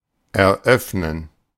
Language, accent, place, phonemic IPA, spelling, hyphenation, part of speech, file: German, Germany, Berlin, /ʔɛɐ̯ˈʔœfnən/, eröffnen, er‧öff‧nen, verb, De-eröffnen.ogg
- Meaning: 1. to open (to the public) 2. to open, begin, commence an event (usually with many participants) 3. to open (also figuratively) thus far as to become accessible or available, to open up